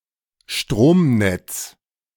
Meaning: 1. electrical/power grid 2. mains, domestic electrical power supply
- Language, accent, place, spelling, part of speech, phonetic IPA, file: German, Germany, Berlin, Stromnetz, noun, [ˈʃtʁoːmˌnɛt͡s], De-Stromnetz.ogg